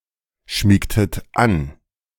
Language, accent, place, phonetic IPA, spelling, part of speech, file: German, Germany, Berlin, [ˌʃmiːktət ˈan], schmiegtet an, verb, De-schmiegtet an.ogg
- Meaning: inflection of anschmiegen: 1. second-person plural preterite 2. second-person plural subjunctive II